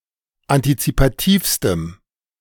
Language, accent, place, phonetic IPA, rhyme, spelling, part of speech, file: German, Germany, Berlin, [antit͡sipaˈtiːfstəm], -iːfstəm, antizipativstem, adjective, De-antizipativstem.ogg
- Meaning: strong dative masculine/neuter singular superlative degree of antizipativ